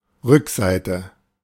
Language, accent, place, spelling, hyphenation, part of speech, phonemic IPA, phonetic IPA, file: German, Germany, Berlin, Rückseite, Rück‧sei‧te, noun, /ˈʁʏkˌsaɪ̯tə/, [ˈʁʏkˌsaɪ̯tʰə], De-Rückseite.ogg
- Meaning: back, reverse side